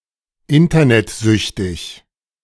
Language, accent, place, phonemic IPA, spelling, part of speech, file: German, Germany, Berlin, /ˈɪntɐnɛtˌzʏçtɪç/, internetsüchtig, adjective, De-internetsüchtig.ogg
- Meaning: Internet-addicted